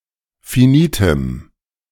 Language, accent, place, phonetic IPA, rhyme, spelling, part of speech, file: German, Germany, Berlin, [fiˈniːtəm], -iːtəm, finitem, adjective, De-finitem.ogg
- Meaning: strong dative masculine/neuter singular of finit